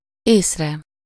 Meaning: sublative singular of ész
- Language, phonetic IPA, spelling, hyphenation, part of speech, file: Hungarian, [ˈeːsrɛ], észre, ész‧re, noun, Hu-észre.ogg